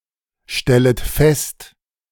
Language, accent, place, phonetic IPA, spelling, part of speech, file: German, Germany, Berlin, [ˌʃtɛlət ˈfɛst], stellet fest, verb, De-stellet fest.ogg
- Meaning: second-person plural subjunctive I of feststellen